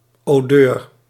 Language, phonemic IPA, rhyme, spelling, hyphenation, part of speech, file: Dutch, /oːˈdøːr/, -øːr, odeur, odeur, noun, Nl-odeur.ogg
- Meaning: odor, smell